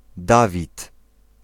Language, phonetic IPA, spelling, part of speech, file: Polish, [ˈdavʲit], Dawid, proper noun / noun, Pl-Dawid.ogg